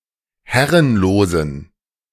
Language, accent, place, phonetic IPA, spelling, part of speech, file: German, Germany, Berlin, [ˈhɛʁənloːzn̩], herrenlosen, adjective, De-herrenlosen.ogg
- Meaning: inflection of herrenlos: 1. strong genitive masculine/neuter singular 2. weak/mixed genitive/dative all-gender singular 3. strong/weak/mixed accusative masculine singular 4. strong dative plural